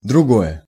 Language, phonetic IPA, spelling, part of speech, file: Russian, [drʊˈɡojə], другое, adjective, Ru-другое.ogg
- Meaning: nominative/accusative singular neuter of друго́й (drugój)